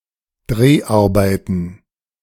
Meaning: plural of Dreharbeit
- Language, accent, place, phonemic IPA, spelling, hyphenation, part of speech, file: German, Germany, Berlin, /ˈdreːaʁbaɪtən/, Dreharbeiten, Dreh‧ar‧bei‧ten, noun, De-Dreharbeiten.ogg